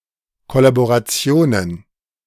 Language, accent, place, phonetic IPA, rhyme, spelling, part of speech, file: German, Germany, Berlin, [kɔlaboʁaˈt͡si̯oːnən], -oːnən, Kollaborationen, noun, De-Kollaborationen.ogg
- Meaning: plural of Kollaboration